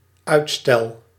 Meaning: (noun) delay, deferment; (verb) first-person singular dependent-clause present indicative of uitstellen
- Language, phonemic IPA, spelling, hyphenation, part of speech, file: Dutch, /ˈœy̯t.stɛl/, uitstel, uit‧stel, noun / verb, Nl-uitstel.ogg